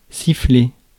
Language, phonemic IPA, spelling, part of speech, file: French, /si.fle/, siffler, verb, Fr-siffler.ogg
- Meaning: 1. to whistle 2. to whistle for, to blow on a whistle for 3. to boo by whistling (to show one's disapproval at something) 4. to hiss 5. to knock back (a drink), to down